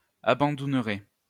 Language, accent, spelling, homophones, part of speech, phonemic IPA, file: French, France, abandounerait, abandouneraient / abandounerais, verb, /a.bɑ̃.dun.ʁɛ/, LL-Q150 (fra)-abandounerait.wav
- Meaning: third-person singular conditional of abandouner